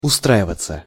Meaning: 1. to settle down, to get settled 2. to turn out right, to get fine, to be OK 3. to get a job somewhere 4. passive of устра́ивать (ustráivatʹ)
- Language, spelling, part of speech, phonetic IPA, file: Russian, устраиваться, verb, [ʊˈstraɪvət͡sə], Ru-устраиваться.ogg